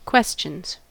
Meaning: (noun) 1. plural of question 2. A game in which players must only say questions, and if they don't they lose; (verb) third-person singular simple present indicative of question
- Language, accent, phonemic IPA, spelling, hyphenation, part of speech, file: English, US, /ˈkwɛst͡ʃənz/, questions, ques‧tions, noun / verb, En-us-questions.ogg